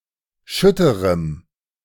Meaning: strong dative masculine/neuter singular of schütter
- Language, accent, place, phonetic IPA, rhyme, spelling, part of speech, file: German, Germany, Berlin, [ˈʃʏtəʁəm], -ʏtəʁəm, schütterem, adjective, De-schütterem.ogg